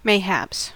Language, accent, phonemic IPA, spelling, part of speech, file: English, US, /ˈmeɪhæps/, mayhaps, adverb, En-us-mayhaps.ogg
- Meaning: Maybe; perhaps; possibly; perchance